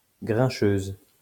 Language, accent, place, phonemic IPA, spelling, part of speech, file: French, France, Lyon, /ɡʁɛ̃.ʃøz/, grincheuse, adjective, LL-Q150 (fra)-grincheuse.wav
- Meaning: feminine singular of grincheux